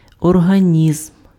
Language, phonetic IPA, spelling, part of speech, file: Ukrainian, [ɔrɦɐˈnʲizm], організм, noun, Uk-організм.ogg
- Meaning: organism